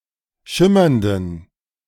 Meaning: inflection of schimmernd: 1. strong genitive masculine/neuter singular 2. weak/mixed genitive/dative all-gender singular 3. strong/weak/mixed accusative masculine singular 4. strong dative plural
- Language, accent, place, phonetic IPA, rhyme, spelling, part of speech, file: German, Germany, Berlin, [ˈʃɪmɐndn̩], -ɪmɐndn̩, schimmernden, adjective, De-schimmernden.ogg